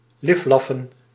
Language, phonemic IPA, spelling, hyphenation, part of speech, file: Dutch, /ˈlɪfˌlɑ.fə(n)/, liflaffen, lif‧laf‧fen, verb, Nl-liflaffen.ogg
- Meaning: 1. to grovel, to fawn, to flatter 2. to caress, to fondle